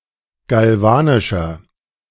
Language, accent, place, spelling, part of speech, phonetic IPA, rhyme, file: German, Germany, Berlin, galvanischer, adjective, [ɡalˈvaːnɪʃɐ], -aːnɪʃɐ, De-galvanischer.ogg
- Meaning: inflection of galvanisch: 1. strong/mixed nominative masculine singular 2. strong genitive/dative feminine singular 3. strong genitive plural